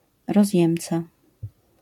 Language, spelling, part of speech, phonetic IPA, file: Polish, rozjemca, noun, [rɔzʲˈjɛ̃mt͡sa], LL-Q809 (pol)-rozjemca.wav